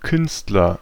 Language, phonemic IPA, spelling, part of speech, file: German, /ˈkʏnstlɐ/, Künstler, noun, De-Künstler.ogg
- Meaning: artist